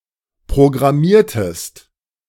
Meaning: inflection of programmieren: 1. second-person singular preterite 2. second-person singular subjunctive II
- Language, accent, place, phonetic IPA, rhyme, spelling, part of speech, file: German, Germany, Berlin, [pʁoɡʁaˈmiːɐ̯təst], -iːɐ̯təst, programmiertest, verb, De-programmiertest.ogg